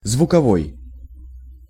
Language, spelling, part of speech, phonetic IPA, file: Russian, звуковой, adjective, [zvʊkɐˈvoj], Ru-звуковой.ogg
- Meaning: sound, audio